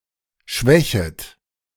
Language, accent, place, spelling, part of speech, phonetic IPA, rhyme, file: German, Germany, Berlin, schwächet, verb, [ˈʃvɛçət], -ɛçət, De-schwächet.ogg
- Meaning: second-person plural subjunctive I of schwächen